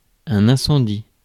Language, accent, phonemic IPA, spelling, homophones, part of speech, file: French, France, /ɛ̃.sɑ̃.di/, incendie, incendies / incendient, noun / verb, Fr-incendie.ogg
- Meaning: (noun) fire (something on fire which is out of control); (verb) inflection of incendier: 1. first/third-person singular present indicative/subjunctive 2. second-person singular imperative